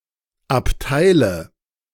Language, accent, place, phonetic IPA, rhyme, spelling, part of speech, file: German, Germany, Berlin, [apˈtaɪ̯lə], -aɪ̯lə, Abteile, noun, De-Abteile.ogg
- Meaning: nominative/accusative/genitive plural of Abteil